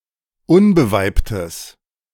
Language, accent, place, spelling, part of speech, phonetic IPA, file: German, Germany, Berlin, unbeweibtes, adjective, [ˈʊnbəˌvaɪ̯ptəs], De-unbeweibtes.ogg
- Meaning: strong/mixed nominative/accusative neuter singular of unbeweibt